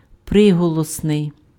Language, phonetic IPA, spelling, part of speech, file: Ukrainian, [ˈprɪɦɔɫɔsnei̯], приголосний, adjective, Uk-приголосний.ogg
- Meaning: consonant, consonantal